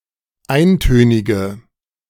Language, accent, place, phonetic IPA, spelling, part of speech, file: German, Germany, Berlin, [ˈaɪ̯nˌtøːnɪɡə], eintönige, adjective, De-eintönige.ogg
- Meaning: inflection of eintönig: 1. strong/mixed nominative/accusative feminine singular 2. strong nominative/accusative plural 3. weak nominative all-gender singular